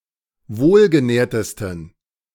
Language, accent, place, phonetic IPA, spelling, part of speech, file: German, Germany, Berlin, [ˈvoːlɡəˌnɛːɐ̯təstn̩], wohlgenährtesten, adjective, De-wohlgenährtesten.ogg
- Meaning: 1. superlative degree of wohlgenährt 2. inflection of wohlgenährt: strong genitive masculine/neuter singular superlative degree